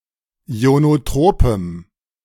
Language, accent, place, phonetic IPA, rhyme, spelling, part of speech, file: German, Germany, Berlin, [i̯onoˈtʁoːpəm], -oːpəm, ionotropem, adjective, De-ionotropem.ogg
- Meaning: strong dative masculine/neuter singular of ionotrop